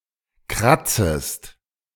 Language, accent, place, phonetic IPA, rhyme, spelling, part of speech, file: German, Germany, Berlin, [ˈkʁat͡səst], -at͡səst, kratzest, verb, De-kratzest.ogg
- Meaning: second-person singular subjunctive I of kratzen